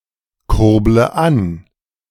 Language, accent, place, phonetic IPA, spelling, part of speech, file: German, Germany, Berlin, [ˌkʊʁblə ˈan], kurble an, verb, De-kurble an.ogg
- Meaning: inflection of ankurbeln: 1. first-person singular present 2. first/third-person singular subjunctive I 3. singular imperative